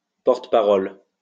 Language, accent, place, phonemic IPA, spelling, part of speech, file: French, France, Lyon, /pɔʁ.t(ə).pa.ʁɔl/, porte-parole, noun, LL-Q150 (fra)-porte-parole.wav
- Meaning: spokesperson; spokesman, spokeswoman